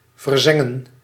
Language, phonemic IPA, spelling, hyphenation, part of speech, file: Dutch, /vərˈzɛ.ŋə(n)/, verzengen, ver‧zen‧gen, verb, Nl-verzengen.ogg
- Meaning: to sear, to burn